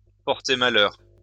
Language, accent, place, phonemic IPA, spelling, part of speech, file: French, France, Lyon, /pɔʁ.te ma.lœʁ/, porter malheur, verb, LL-Q150 (fra)-porter malheur.wav
- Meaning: to bring bad luck, to bring misfortune, to be unlucky